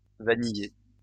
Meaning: vanilla, vanilla-flavoured
- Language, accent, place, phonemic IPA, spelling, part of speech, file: French, France, Lyon, /va.ni.je/, vanillé, adjective, LL-Q150 (fra)-vanillé.wav